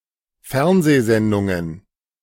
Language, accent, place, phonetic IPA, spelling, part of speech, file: German, Germany, Berlin, [ˈfɛʁnzeːˌzɛndʊŋən], Fernsehsendungen, noun, De-Fernsehsendungen.ogg
- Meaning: plural of Fernsehsendung